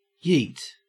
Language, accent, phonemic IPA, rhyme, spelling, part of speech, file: English, Australia, /jiːt/, -iːt, yeet, interjection / noun / verb, En-au-yeet.ogg
- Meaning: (interjection) 1. Expressing excitement or approval 2. A sudden expression used while throwing something, especially with force